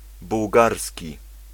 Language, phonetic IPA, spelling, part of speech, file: Polish, [buwˈɡarsʲci], bułgarski, adjective / noun, Pl-bułgarski.ogg